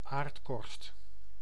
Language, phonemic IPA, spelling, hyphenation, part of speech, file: Dutch, /ˈaːrt.kɔrst/, aardkorst, aard‧korst, noun, Nl-aardkorst.ogg
- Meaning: Earth's crust